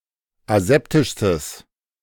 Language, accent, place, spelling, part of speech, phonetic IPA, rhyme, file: German, Germany, Berlin, aseptischstes, adjective, [aˈzɛptɪʃstəs], -ɛptɪʃstəs, De-aseptischstes.ogg
- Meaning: strong/mixed nominative/accusative neuter singular superlative degree of aseptisch